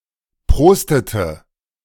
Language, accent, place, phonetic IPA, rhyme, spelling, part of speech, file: German, Germany, Berlin, [ˈpʁoːstətə], -oːstətə, prostete, verb, De-prostete.ogg
- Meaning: inflection of prosten: 1. first/third-person singular preterite 2. first/third-person singular subjunctive II